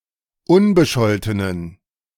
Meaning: inflection of unbescholten: 1. strong genitive masculine/neuter singular 2. weak/mixed genitive/dative all-gender singular 3. strong/weak/mixed accusative masculine singular 4. strong dative plural
- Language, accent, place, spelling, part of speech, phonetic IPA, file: German, Germany, Berlin, unbescholtenen, adjective, [ˈʊnbəˌʃɔltənən], De-unbescholtenen.ogg